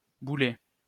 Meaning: past participle of bouler
- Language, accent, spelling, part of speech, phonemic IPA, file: French, France, boulé, verb, /bu.le/, LL-Q150 (fra)-boulé.wav